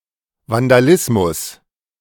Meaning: vandalism
- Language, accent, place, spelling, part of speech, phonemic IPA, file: German, Germany, Berlin, Vandalismus, noun, /vandaˈlɪsmʊs/, De-Vandalismus.ogg